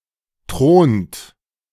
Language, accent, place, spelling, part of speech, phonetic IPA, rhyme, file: German, Germany, Berlin, thront, verb, [tʁoːnt], -oːnt, De-thront.ogg
- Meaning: inflection of thronen: 1. third-person singular present 2. second-person plural present 3. plural imperative